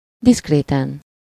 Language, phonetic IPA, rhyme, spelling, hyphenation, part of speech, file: Hungarian, [ˈdiskreːtɛn], -ɛn, diszkréten, diszk‧ré‧ten, adverb / adjective, Hu-diszkréten.ogg
- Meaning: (adverb) discreetly; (adjective) superessive singular of diszkrét